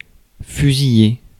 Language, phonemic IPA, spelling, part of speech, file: French, /fy.zi.je/, fusiller, verb, Fr-fusiller.ogg
- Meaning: to shoot, to shoot down, to gun down (especially with a rifle, but also with other firearms)